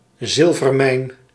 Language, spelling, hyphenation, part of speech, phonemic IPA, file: Dutch, zilvermijn, zil‧ver‧mijn, noun, /ˈzɪl.vərˌmɛi̯n/, Nl-zilvermijn.ogg
- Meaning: silver mine